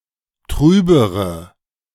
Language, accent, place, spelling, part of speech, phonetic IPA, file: German, Germany, Berlin, trübere, adjective, [ˈtʁyːbəʁə], De-trübere.ogg
- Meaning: inflection of trüb: 1. strong/mixed nominative/accusative feminine singular comparative degree 2. strong nominative/accusative plural comparative degree